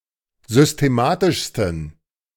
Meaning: 1. superlative degree of systematisch 2. inflection of systematisch: strong genitive masculine/neuter singular superlative degree
- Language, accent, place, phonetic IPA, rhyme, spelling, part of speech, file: German, Germany, Berlin, [zʏsteˈmaːtɪʃstn̩], -aːtɪʃstn̩, systematischsten, adjective, De-systematischsten.ogg